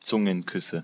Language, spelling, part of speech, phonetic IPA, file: German, Zungenküsse, noun, [ˈt͡sʊŋənˌkʏsə], De-Zungenküsse.ogg
- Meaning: nominative/accusative/genitive plural of Zungenkuss